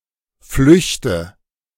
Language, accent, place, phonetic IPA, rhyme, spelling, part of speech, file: German, Germany, Berlin, [ˈflʏçtə], -ʏçtə, flüchte, verb, De-flüchte.ogg
- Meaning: inflection of flüchten: 1. first-person singular present 2. first/third-person singular subjunctive I 3. singular imperative